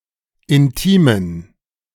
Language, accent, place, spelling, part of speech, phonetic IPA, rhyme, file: German, Germany, Berlin, intimen, adjective, [ɪnˈtiːmən], -iːmən, De-intimen.ogg
- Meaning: inflection of intim: 1. strong genitive masculine/neuter singular 2. weak/mixed genitive/dative all-gender singular 3. strong/weak/mixed accusative masculine singular 4. strong dative plural